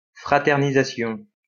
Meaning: fraternization
- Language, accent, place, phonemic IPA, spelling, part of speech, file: French, France, Lyon, /fʁa.tɛʁ.ni.za.sjɔ̃/, fraternisation, noun, LL-Q150 (fra)-fraternisation.wav